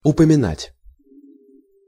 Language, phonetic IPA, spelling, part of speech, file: Russian, [ʊpəmʲɪˈnatʲ], упоминать, verb, Ru-упоминать.ogg
- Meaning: to mention, to refer